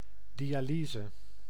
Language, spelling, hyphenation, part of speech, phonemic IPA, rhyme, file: Dutch, dialyse, di‧a‧ly‧se, noun, /ˌdi.aːˈliː.zə/, -iːzə, Nl-dialyse.ogg
- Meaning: dialysis